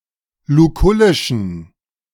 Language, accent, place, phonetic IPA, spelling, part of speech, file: German, Germany, Berlin, [luˈkʊlɪʃn̩], lukullischen, adjective, De-lukullischen.ogg
- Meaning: inflection of lukullisch: 1. strong genitive masculine/neuter singular 2. weak/mixed genitive/dative all-gender singular 3. strong/weak/mixed accusative masculine singular 4. strong dative plural